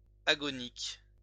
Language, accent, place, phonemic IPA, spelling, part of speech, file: French, France, Lyon, /a.ɡɔ.nik/, agonique, adjective, LL-Q150 (fra)-agonique.wav
- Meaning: agonous, agonious